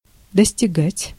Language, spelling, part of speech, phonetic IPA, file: Russian, достигать, verb, [dəsʲtʲɪˈɡatʲ], Ru-достигать.ogg
- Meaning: 1. to reach, to arrive at 2. to attain, to achieve 3. to amount to, to come to